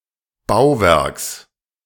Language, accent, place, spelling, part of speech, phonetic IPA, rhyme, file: German, Germany, Berlin, Bauwerks, noun, [ˈbaʊ̯ˌvɛʁks], -aʊ̯vɛʁks, De-Bauwerks.ogg
- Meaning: genitive singular of Bauwerk